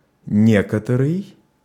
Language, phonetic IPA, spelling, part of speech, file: Russian, [ˈnʲek(ə)tərɨj], некоторый, pronoun, Ru-некоторый.ogg
- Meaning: 1. some; certain (adjectival) 2. some, some people; certain people (pronominal)